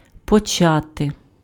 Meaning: to begin, to start, to commence
- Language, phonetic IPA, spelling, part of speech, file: Ukrainian, [pɔˈt͡ʃate], почати, verb, Uk-почати.ogg